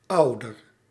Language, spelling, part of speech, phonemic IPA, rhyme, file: Dutch, ouder, noun / adjective, /ˈɑu̯dər/, -ɑu̯dər, Nl-ouder.ogg
- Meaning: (noun) 1. parent, father or mother; by extension a substitute caregiver 2. synonym of ouderdom (“age”); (adjective) comparative degree of oud